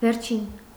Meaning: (noun) definite dative singular of վերջ (verǰ); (adjective) 1. last, final 2. end, close 3. concluding, closing, final 4. recent, newest, latest 5. worst 6. lowest (of position)
- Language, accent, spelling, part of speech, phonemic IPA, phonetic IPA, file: Armenian, Eastern Armenian, վերջին, noun / adjective, /veɾˈt͡ʃʰin/, [veɾt͡ʃʰín], Hy-վերջին.ogg